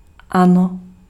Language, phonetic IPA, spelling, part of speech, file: Czech, [ˈano], ano, interjection / particle, Cs-ano.ogg
- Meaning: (interjection) yes!; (particle) yes